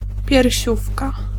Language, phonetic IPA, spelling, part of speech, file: Polish, [pʲjɛrʲˈɕufka], piersiówka, noun, Pl-piersiówka.ogg